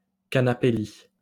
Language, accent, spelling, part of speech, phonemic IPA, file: French, France, canapé-lit, noun, /ka.na.pe.li/, LL-Q150 (fra)-canapé-lit.wav
- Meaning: sofa bed, settee bed